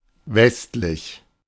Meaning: west, western
- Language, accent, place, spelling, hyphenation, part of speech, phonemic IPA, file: German, Germany, Berlin, westlich, west‧lich, adjective, /ˈvɛstlɪç/, De-westlich.ogg